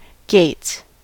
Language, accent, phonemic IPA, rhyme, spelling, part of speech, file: English, US, /ɡeɪts/, -eɪts, gates, noun / verb, En-us-gates.ogg
- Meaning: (noun) plural of gate; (verb) third-person singular simple present indicative of gate